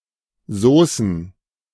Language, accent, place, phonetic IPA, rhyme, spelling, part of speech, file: German, Germany, Berlin, [ˈzoːsn̩], -oːsn̩, Saucen, noun, De-Saucen.ogg
- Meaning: plural of Sauce